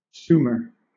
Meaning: A historical region occupied by the earliest known ancient civilization of the ancient Near East (4th to 3rd millennia BC), located in lower Mesopotamia in modern southern Iraq
- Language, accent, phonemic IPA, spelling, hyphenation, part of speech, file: English, Southern England, /ˈs(j)uːmə/, Sumer, Su‧mer, proper noun, LL-Q1860 (eng)-Sumer.wav